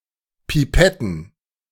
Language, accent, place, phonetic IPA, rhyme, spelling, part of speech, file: German, Germany, Berlin, [piˈpɛtn̩], -ɛtn̩, Pipetten, noun, De-Pipetten.ogg
- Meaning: plural of Pipette